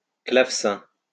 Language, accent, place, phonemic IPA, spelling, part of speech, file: French, France, Lyon, /klav.sɛ̃/, clavecin, noun, LL-Q150 (fra)-clavecin.wav
- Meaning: harpsichord (musical instrument)